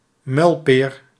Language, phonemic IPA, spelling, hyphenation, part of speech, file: Dutch, /ˈmœy̯l.peːr/, muilpeer, muil‧peer, noun / verb, Nl-muilpeer.ogg
- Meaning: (noun) a slap in the face, usually a painfully hard blow; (verb) inflection of muilperen: 1. first-person singular present indicative 2. second-person singular present indicative 3. imperative